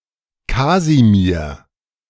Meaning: a male given name from Polish, equivalent to English Casimir
- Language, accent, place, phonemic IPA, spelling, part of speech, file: German, Germany, Berlin, /ˈkaːzimiɐ̯/, Kasimir, proper noun, De-Kasimir.ogg